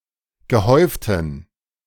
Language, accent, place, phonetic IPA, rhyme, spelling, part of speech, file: German, Germany, Berlin, [ɡəˈhɔɪ̯ftn̩], -ɔɪ̯ftn̩, gehäuften, adjective, De-gehäuften.ogg
- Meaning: inflection of gehäuft: 1. strong genitive masculine/neuter singular 2. weak/mixed genitive/dative all-gender singular 3. strong/weak/mixed accusative masculine singular 4. strong dative plural